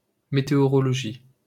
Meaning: meteorology (science)
- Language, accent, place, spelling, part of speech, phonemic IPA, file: French, France, Paris, météorologie, noun, /me.te.ɔ.ʁɔ.lɔ.ʒi/, LL-Q150 (fra)-météorologie.wav